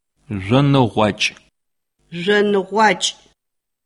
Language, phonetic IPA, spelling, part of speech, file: Adyghe, [ʒʷanəʁʷaːt͡ʃʼmaːz], жъоныгъуакӏмаз, noun, CircassianMonth5.ogg
- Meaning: May